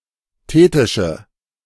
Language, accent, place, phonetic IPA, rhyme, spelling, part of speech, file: German, Germany, Berlin, [ˈteːtɪʃə], -eːtɪʃə, thetische, adjective, De-thetische.ogg
- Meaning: inflection of thetisch: 1. strong/mixed nominative/accusative feminine singular 2. strong nominative/accusative plural 3. weak nominative all-gender singular